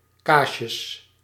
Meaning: plural of kaasje
- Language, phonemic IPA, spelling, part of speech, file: Dutch, /ˈkaʃjəs/, kaasjes, noun, Nl-kaasjes.ogg